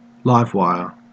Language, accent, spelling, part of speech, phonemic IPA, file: English, Australia, live wire, noun, /ˈlaɪv ˈwaɪə(ɹ)/, En-au-live wire.ogg
- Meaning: 1. An electrical wire through which there is a flow of electrical current 2. An especially energetic, alert, or vivacious person